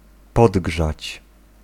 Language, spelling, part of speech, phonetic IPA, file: Polish, podgrzać, verb, [ˈpɔdɡʒat͡ɕ], Pl-podgrzać.ogg